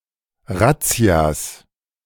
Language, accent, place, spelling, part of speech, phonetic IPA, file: German, Germany, Berlin, Razzias, noun, [ˈʁat͡si̯as], De-Razzias.ogg
- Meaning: plural of Razzia